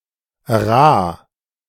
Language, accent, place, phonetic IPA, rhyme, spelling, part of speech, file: German, Germany, Berlin, [ʁaː], -aː, Raa, noun, De-Raa.ogg
- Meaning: archaic spelling of Rah